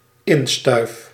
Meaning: housewarming
- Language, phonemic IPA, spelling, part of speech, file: Dutch, /ˈɪnstœyf/, instuif, noun / verb, Nl-instuif.ogg